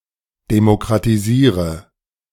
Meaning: inflection of demokratisieren: 1. first-person singular present 2. first/third-person singular subjunctive I 3. singular imperative
- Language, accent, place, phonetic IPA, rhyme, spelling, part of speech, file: German, Germany, Berlin, [demokʁatiˈziːʁə], -iːʁə, demokratisiere, verb, De-demokratisiere.ogg